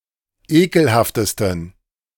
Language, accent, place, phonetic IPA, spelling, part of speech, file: German, Germany, Berlin, [ˈeːkl̩haftəstn̩], ekelhaftesten, adjective, De-ekelhaftesten.ogg
- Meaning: 1. superlative degree of ekelhaft 2. inflection of ekelhaft: strong genitive masculine/neuter singular superlative degree